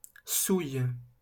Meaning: inflection of souiller: 1. first/third-person singular present indicative/subjunctive 2. second-person singular imperative
- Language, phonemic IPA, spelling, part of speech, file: French, /suj/, souille, verb, LL-Q150 (fra)-souille.wav